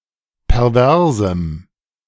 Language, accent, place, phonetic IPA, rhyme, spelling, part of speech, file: German, Germany, Berlin, [pɛʁˈvɛʁzm̩], -ɛʁzm̩, perversem, adjective, De-perversem.ogg
- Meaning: strong dative masculine/neuter singular of pervers